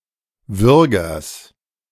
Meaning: genitive singular of Würger
- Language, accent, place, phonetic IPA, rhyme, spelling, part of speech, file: German, Germany, Berlin, [ˈvʏʁɡɐs], -ʏʁɡɐs, Würgers, noun, De-Würgers.ogg